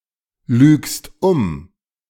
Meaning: second-person singular present of umlügen
- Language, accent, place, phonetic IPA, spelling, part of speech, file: German, Germany, Berlin, [ˌlyːkst ˈʊm], lügst um, verb, De-lügst um.ogg